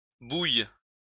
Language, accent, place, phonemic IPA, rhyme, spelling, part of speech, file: French, France, Lyon, /buj/, -uj, bouille, noun / verb, LL-Q150 (fra)-bouille.wav
- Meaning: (noun) face; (verb) first/third-person singular present subjunctive of bouillir